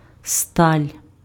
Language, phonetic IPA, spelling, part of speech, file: Ukrainian, [stalʲ], сталь, noun, Uk-сталь.ogg
- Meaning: 1. steel (metal alloy) 2. a long narrow strip